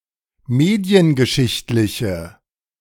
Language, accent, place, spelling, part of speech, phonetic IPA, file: German, Germany, Berlin, mediengeschichtliche, adjective, [ˈmeːdi̯ənɡəˌʃɪçtlɪçə], De-mediengeschichtliche.ogg
- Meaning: inflection of mediengeschichtlich: 1. strong/mixed nominative/accusative feminine singular 2. strong nominative/accusative plural 3. weak nominative all-gender singular